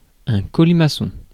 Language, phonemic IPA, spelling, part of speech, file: French, /kɔ.li.ma.sɔ̃/, colimaçon, noun, Fr-colimaçon.ogg
- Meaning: alternative form of limaçon